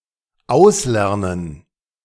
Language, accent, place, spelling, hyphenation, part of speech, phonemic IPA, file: German, Germany, Berlin, auslernen, aus‧ler‧nen, verb, /ˈaʊ̯sˌlɛʁnən/, De-auslernen.ogg
- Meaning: to finish learning